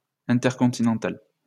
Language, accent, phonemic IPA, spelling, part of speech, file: French, France, /ɛ̃.tɛʁ.kɔ̃.ti.nɑ̃.tal/, intercontinental, adjective, LL-Q150 (fra)-intercontinental.wav
- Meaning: intercontinental